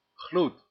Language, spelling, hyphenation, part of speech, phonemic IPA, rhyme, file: Dutch, gloed, gloed, noun, /ɣlut/, -ut, Nl-gloed.ogg
- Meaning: 1. glow 2. emanating heat from (or as if from) something that glows